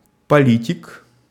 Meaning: 1. politician 2. genitive plural of поли́тика (polítika)
- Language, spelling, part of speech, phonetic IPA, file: Russian, политик, noun, [pɐˈlʲitʲɪk], Ru-политик.ogg